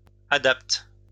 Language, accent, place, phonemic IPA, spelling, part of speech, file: French, France, Lyon, /a.dapt/, adapte, verb, LL-Q150 (fra)-adapte.wav
- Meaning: inflection of adapter: 1. first/third-person singular present indicative/subjunctive 2. second-person singular imperative